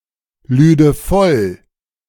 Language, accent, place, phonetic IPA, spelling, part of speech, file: German, Germany, Berlin, [ˌlyːdə ˈfɔl], lüde voll, verb, De-lüde voll.ogg
- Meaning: first/third-person singular subjunctive II of vollladen